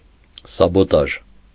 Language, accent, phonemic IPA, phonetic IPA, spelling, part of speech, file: Armenian, Eastern Armenian, /sɑboˈtɑʒ/, [sɑbotɑ́ʒ], սաբոտաժ, noun, Hy-սաբոտաժ.ogg
- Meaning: sabotage